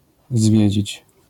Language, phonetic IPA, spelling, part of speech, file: Polish, [ˈzvʲjɛ̇d͡ʑit͡ɕ], zwiedzić, verb, LL-Q809 (pol)-zwiedzić.wav